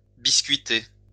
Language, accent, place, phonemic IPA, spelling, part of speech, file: French, France, Lyon, /bis.kɥi.te/, biscuiter, verb, LL-Q150 (fra)-biscuiter.wav
- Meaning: to bake unglazed earthenware (biscuit)